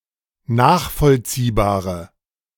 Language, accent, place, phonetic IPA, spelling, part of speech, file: German, Germany, Berlin, [ˈnaːxfɔlt͡siːbaːʁə], nachvollziehbare, adjective, De-nachvollziehbare.ogg
- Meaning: inflection of nachvollziehbar: 1. strong/mixed nominative/accusative feminine singular 2. strong nominative/accusative plural 3. weak nominative all-gender singular